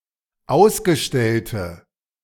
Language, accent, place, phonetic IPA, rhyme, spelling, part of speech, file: German, Germany, Berlin, [ˈaʊ̯sɡəˌʃtɛltə], -aʊ̯sɡəʃtɛltə, ausgestellte, adjective, De-ausgestellte.ogg
- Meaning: inflection of ausgestellt: 1. strong/mixed nominative/accusative feminine singular 2. strong nominative/accusative plural 3. weak nominative all-gender singular